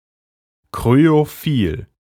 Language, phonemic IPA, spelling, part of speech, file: German, /ˌkʁyoˈfiːl/, kryophil, adjective, De-kryophil.ogg
- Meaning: cryophilic